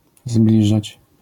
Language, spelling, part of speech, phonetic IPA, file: Polish, zbliżać, verb, [ˈzblʲiʒat͡ɕ], LL-Q809 (pol)-zbliżać.wav